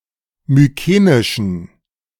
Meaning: inflection of mykenisch: 1. strong genitive masculine/neuter singular 2. weak/mixed genitive/dative all-gender singular 3. strong/weak/mixed accusative masculine singular 4. strong dative plural
- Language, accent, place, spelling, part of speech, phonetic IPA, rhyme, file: German, Germany, Berlin, mykenischen, adjective, [myˈkeːnɪʃn̩], -eːnɪʃn̩, De-mykenischen.ogg